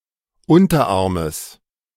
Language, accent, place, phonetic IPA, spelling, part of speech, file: German, Germany, Berlin, [ˈʊntɐˌʔaʁməs], Unterarmes, noun, De-Unterarmes.ogg
- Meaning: genitive singular of Unterarm